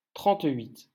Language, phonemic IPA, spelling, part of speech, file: French, /tʁɑ̃.tɥit/, trente-huit, numeral, LL-Q150 (fra)-trente-huit.wav
- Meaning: thirty-eight